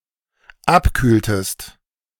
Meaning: inflection of abkühlen: 1. second-person singular dependent preterite 2. second-person singular dependent subjunctive II
- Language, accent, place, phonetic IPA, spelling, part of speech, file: German, Germany, Berlin, [ˈapˌkyːltəst], abkühltest, verb, De-abkühltest.ogg